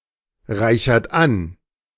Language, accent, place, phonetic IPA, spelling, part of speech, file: German, Germany, Berlin, [ˌʁaɪ̯çɐt ˈan], reichert an, verb, De-reichert an.ogg
- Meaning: inflection of anreichern: 1. third-person singular present 2. second-person plural present 3. plural imperative